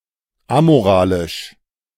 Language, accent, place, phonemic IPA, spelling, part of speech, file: German, Germany, Berlin, /ˈamoˌʁaːlɪʃ/, amoralisch, adjective, De-amoralisch.ogg
- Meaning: 1. amoral (which cannot be judged by moral criteria) 2. amoral (lacking any sense or understanding of morals) 3. immoral (inconsistent with moral standards)